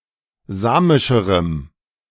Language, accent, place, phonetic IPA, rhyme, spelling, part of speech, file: German, Germany, Berlin, [ˈzaːmɪʃəʁəm], -aːmɪʃəʁəm, samischerem, adjective, De-samischerem.ogg
- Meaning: strong dative masculine/neuter singular comparative degree of samisch